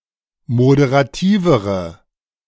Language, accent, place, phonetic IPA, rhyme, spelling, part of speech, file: German, Germany, Berlin, [modeʁaˈtiːvəʁə], -iːvəʁə, moderativere, adjective, De-moderativere.ogg
- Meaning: inflection of moderativ: 1. strong/mixed nominative/accusative feminine singular comparative degree 2. strong nominative/accusative plural comparative degree